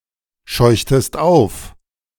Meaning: inflection of aufscheuchen: 1. second-person singular preterite 2. second-person singular subjunctive II
- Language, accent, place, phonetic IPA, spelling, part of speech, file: German, Germany, Berlin, [ˌʃɔɪ̯çtəst ˈaʊ̯f], scheuchtest auf, verb, De-scheuchtest auf.ogg